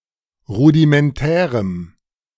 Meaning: strong dative masculine/neuter singular of rudimentär
- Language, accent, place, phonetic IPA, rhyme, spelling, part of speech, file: German, Germany, Berlin, [ˌʁudimɛnˈtɛːʁəm], -ɛːʁəm, rudimentärem, adjective, De-rudimentärem.ogg